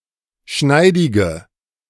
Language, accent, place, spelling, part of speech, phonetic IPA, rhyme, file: German, Germany, Berlin, schneidige, adjective, [ˈʃnaɪ̯dɪɡə], -aɪ̯dɪɡə, De-schneidige.ogg
- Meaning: inflection of schneidig: 1. strong/mixed nominative/accusative feminine singular 2. strong nominative/accusative plural 3. weak nominative all-gender singular